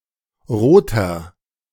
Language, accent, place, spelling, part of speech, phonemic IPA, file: German, Germany, Berlin, roter, adjective, /ˈʁoːtɐ/, De-roter.ogg
- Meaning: 1. comparative degree of rot 2. inflection of rot: strong/mixed nominative masculine singular 3. inflection of rot: strong genitive/dative feminine singular